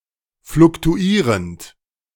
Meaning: present participle of fluktuieren
- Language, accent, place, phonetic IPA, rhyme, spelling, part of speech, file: German, Germany, Berlin, [flʊktuˈiːʁənt], -iːʁənt, fluktuierend, verb, De-fluktuierend.ogg